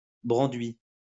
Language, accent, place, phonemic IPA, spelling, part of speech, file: French, France, Lyon, /bʁɑ̃.dɥi/, branduit, noun, LL-Q150 (fra)-branduit.wav
- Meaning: a genericised trademark, or a design that has become inseparable from a particular brand